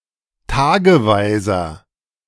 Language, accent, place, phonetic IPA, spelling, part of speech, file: German, Germany, Berlin, [ˈtaːɡəˌvaɪ̯zɐ], tageweiser, adjective, De-tageweiser.ogg
- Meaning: inflection of tageweise: 1. strong/mixed nominative masculine singular 2. strong genitive/dative feminine singular 3. strong genitive plural